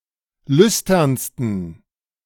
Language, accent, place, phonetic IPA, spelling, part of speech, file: German, Germany, Berlin, [ˈlʏstɐnstn̩], lüsternsten, adjective, De-lüsternsten.ogg
- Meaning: 1. superlative degree of lüstern 2. inflection of lüstern: strong genitive masculine/neuter singular superlative degree